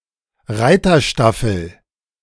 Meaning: 1. a unit of mounted police 2. mounted police as such
- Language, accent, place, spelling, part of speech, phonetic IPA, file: German, Germany, Berlin, Reiterstaffel, noun, [ˈʁaɪ̯tɐˌʃtafl̩], De-Reiterstaffel.ogg